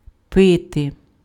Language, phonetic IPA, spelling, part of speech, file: Ukrainian, [ˈpɪte], пити, verb, Uk-пити.ogg
- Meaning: to drink